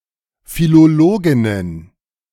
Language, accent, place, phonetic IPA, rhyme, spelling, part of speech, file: German, Germany, Berlin, [filoˈloːɡɪnən], -oːɡɪnən, Philologinnen, noun, De-Philologinnen.ogg
- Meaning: plural of Philologin